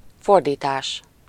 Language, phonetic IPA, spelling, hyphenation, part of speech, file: Hungarian, [ˈfordiːtaːʃ], fordítás, for‧dí‧tás, noun, Hu-fordítás.ogg
- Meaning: 1. verbal noun of fordít: translation (the act of translating between languages) 2. translation (the product or end result of an act of translating between languages)